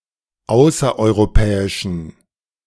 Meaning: inflection of außereuropäisch: 1. strong genitive masculine/neuter singular 2. weak/mixed genitive/dative all-gender singular 3. strong/weak/mixed accusative masculine singular 4. strong dative plural
- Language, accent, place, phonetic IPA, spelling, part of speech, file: German, Germany, Berlin, [ˈaʊ̯sɐʔɔɪ̯ʁoˌpɛːɪʃn̩], außereuropäischen, adjective, De-außereuropäischen.ogg